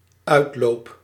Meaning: first-person singular dependent-clause present indicative of uitlopen
- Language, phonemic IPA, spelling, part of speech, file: Dutch, /ˈœytlop/, uitloop, noun / verb, Nl-uitloop.ogg